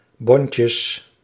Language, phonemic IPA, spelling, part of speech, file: Dutch, /ˈbɔncəs/, bondjes, noun, Nl-bondjes.ogg
- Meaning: plural of bondje